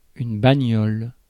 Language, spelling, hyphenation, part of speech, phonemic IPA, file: French, bagnole, ba‧gnole, noun, /ba.ɲɔl/, Fr-bagnole.ogg
- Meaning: ride; whip; wheels (an automobile)